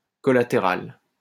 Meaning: collateral
- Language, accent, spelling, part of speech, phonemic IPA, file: French, France, collatéral, adjective, /kɔ.la.te.ʁal/, LL-Q150 (fra)-collatéral.wav